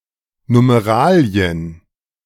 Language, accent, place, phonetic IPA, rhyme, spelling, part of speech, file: German, Germany, Berlin, [numeˈʁaːli̯ən], -aːli̯ən, Numeralien, noun, De-Numeralien.ogg
- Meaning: plural of Numerale